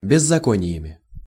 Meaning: instrumental plural of беззако́ние (bezzakónije)
- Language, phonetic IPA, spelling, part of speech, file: Russian, [bʲɪzːɐˈkonʲɪjəmʲɪ], беззакониями, noun, Ru-беззакониями.ogg